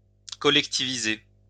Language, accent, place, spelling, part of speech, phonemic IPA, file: French, France, Lyon, collectiviser, verb, /kɔ.lɛk.ti.vi.ze/, LL-Q150 (fra)-collectiviser.wav
- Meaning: to collectivize